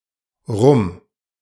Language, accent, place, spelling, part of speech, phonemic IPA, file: German, Germany, Berlin, rum, adverb, /ʁʊm/, De-rum.ogg
- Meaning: alternative form of herum (“around”)